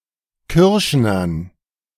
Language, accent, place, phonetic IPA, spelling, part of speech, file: German, Germany, Berlin, [ˈkʏʁʃnɐn], Kürschnern, noun, De-Kürschnern.ogg
- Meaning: dative plural of Kürschner